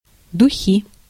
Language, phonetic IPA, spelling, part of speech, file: Russian, [dʊˈxʲi], духи, noun, Ru-духи.ogg
- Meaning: perfume